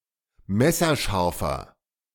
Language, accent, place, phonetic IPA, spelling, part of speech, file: German, Germany, Berlin, [ˈmɛsɐˌʃaʁfɐ], messerscharfer, adjective, De-messerscharfer.ogg
- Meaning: inflection of messerscharf: 1. strong/mixed nominative masculine singular 2. strong genitive/dative feminine singular 3. strong genitive plural